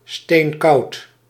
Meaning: ice-cold, very cold
- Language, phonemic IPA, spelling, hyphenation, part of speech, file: Dutch, /steːnˈkɑu̯t/, steenkoud, steen‧koud, adjective, Nl-steenkoud.ogg